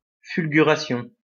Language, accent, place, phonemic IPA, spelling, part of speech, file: French, France, Lyon, /fyl.ɡy.ʁa.sjɔ̃/, fulguration, noun, LL-Q150 (fra)-fulguration.wav
- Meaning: fulguration